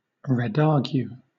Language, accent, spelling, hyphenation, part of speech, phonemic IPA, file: English, Southern England, redargue, red‧ar‧gue, verb, /ɹɪˈdɑːɡjuː/, LL-Q1860 (eng)-redargue.wav
- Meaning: 1. To disprove or refute (someone) in an argument 2. To rebut or refute (an argument, a proposition, etc.) 3. Often followed by for or of: to censure, to rebuke, to reprove (someone or something)